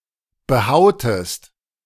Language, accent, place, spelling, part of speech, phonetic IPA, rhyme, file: German, Germany, Berlin, behautest, verb, [bəˈhaʊ̯təst], -aʊ̯təst, De-behautest.ogg
- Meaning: inflection of behauen: 1. second-person singular preterite 2. second-person singular subjunctive II